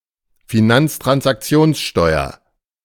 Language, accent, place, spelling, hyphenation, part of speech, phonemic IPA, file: German, Germany, Berlin, Finanztransaktionssteuer, Fi‧nanz‧trans‧ak‧ti‧ons‧steu‧er, noun, /fiˈnant͡stʁansʔakˌt͡si̯oːnsˌʃtɔɪ̯ɐ/, De-Finanztransaktionssteuer.ogg
- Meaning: financial transaction tax (tax levied on financial transactions)